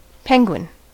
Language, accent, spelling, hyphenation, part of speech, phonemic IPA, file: English, US, penguin, pen‧guin, noun, /ˈpɛŋ.ɡwɪn/, En-us-penguin.ogg